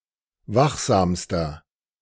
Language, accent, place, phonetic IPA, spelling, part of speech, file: German, Germany, Berlin, [ˈvaxˌzaːmstɐ], wachsamster, adjective, De-wachsamster.ogg
- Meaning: inflection of wachsam: 1. strong/mixed nominative masculine singular superlative degree 2. strong genitive/dative feminine singular superlative degree 3. strong genitive plural superlative degree